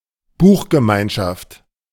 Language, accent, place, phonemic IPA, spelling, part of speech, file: German, Germany, Berlin, /ˈbuːxɡəˌmaɪ̯nʃaft/, Buchgemeinschaft, noun, De-Buchgemeinschaft.ogg
- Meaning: book sales club, book club (distribution system)